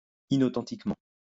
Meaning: inauthentically
- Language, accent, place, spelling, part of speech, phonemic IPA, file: French, France, Lyon, inauthentiquement, adverb, /i.no.tɑ̃.tik.mɑ̃/, LL-Q150 (fra)-inauthentiquement.wav